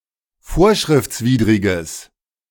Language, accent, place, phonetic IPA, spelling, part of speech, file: German, Germany, Berlin, [ˈfoːɐ̯ʃʁɪft͡sˌviːdʁɪɡəs], vorschriftswidriges, adjective, De-vorschriftswidriges.ogg
- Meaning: strong/mixed nominative/accusative neuter singular of vorschriftswidrig